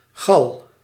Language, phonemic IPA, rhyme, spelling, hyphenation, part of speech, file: Dutch, /ɣɑl/, -ɑl, gal, gal, noun, Nl-gal.ogg
- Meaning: 1. bile, gall (yellow-green bodily fluid secreted by the liver) 2. bile, anger, wrath 3. a gall (abnormal growth on a plant caused by foreign organisms)